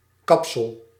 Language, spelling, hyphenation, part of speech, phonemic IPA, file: Dutch, kapsel, kap‧sel, noun, /ˈkɑp.səl/, Nl-kapsel.ogg
- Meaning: 1. haircut, hairstyle, hairdo 2. headdress, headwear (in particular for women) 3. capsule (enveloping membrane)